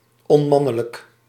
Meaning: unmanly
- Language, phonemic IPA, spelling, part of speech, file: Dutch, /ɔˈmɑnələk/, onmannelijk, adjective, Nl-onmannelijk.ogg